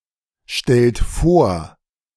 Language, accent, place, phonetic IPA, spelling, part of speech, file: German, Germany, Berlin, [ˌʃtɛlt ˈfoːɐ̯], stellt vor, verb, De-stellt vor.ogg
- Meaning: inflection of vorstellen: 1. third-person singular present 2. second-person plural present 3. plural imperative